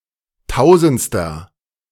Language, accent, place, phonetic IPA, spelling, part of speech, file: German, Germany, Berlin, [ˈtaʊ̯zn̩t͡stɐ], tausendster, adjective, De-tausendster.ogg
- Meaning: inflection of tausendste: 1. strong/mixed nominative masculine singular 2. strong genitive/dative feminine singular 3. strong genitive plural